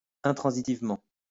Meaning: intransitively
- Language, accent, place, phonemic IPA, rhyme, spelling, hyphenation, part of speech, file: French, France, Lyon, /ɛ̃.tʁɑ̃.zi.tiv.mɑ̃/, -ɑ̃, intransitivement, in‧tran‧si‧tive‧ment, adverb, LL-Q150 (fra)-intransitivement.wav